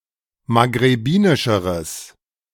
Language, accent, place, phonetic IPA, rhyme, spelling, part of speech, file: German, Germany, Berlin, [maɡʁeˈbiːnɪʃəʁəs], -iːnɪʃəʁəs, maghrebinischeres, adjective, De-maghrebinischeres.ogg
- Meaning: strong/mixed nominative/accusative neuter singular comparative degree of maghrebinisch